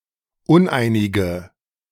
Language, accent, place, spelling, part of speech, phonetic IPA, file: German, Germany, Berlin, uneinige, adjective, [ˈʊnˌʔaɪ̯nɪɡə], De-uneinige.ogg
- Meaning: inflection of uneinig: 1. strong/mixed nominative/accusative feminine singular 2. strong nominative/accusative plural 3. weak nominative all-gender singular 4. weak accusative feminine/neuter singular